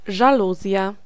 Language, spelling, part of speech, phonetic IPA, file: Polish, żaluzja, noun, [ʒaˈluzʲja], Pl-żaluzja.ogg